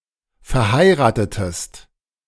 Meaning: inflection of verheiraten: 1. second-person singular preterite 2. second-person singular subjunctive II
- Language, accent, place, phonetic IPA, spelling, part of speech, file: German, Germany, Berlin, [fɛɐ̯ˈhaɪ̯ʁaːtətəst], verheiratetest, verb, De-verheiratetest.ogg